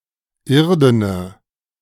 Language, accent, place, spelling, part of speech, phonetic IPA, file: German, Germany, Berlin, irdene, adjective, [ˈɪʁdənə], De-irdene.ogg
- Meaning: inflection of irden: 1. strong/mixed nominative/accusative feminine singular 2. strong nominative/accusative plural 3. weak nominative all-gender singular 4. weak accusative feminine/neuter singular